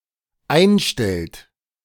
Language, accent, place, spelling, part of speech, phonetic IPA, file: German, Germany, Berlin, einstellt, verb, [ˈaɪ̯nˌʃtɛlt], De-einstellt.ogg
- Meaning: inflection of einstellen: 1. third-person singular dependent present 2. second-person plural dependent present